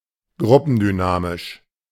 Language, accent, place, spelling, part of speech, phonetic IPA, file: German, Germany, Berlin, gruppendynamisch, adjective, [ˈɡʁʊpn̩dyˌnaːmɪʃ], De-gruppendynamisch.ogg
- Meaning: of group dynamics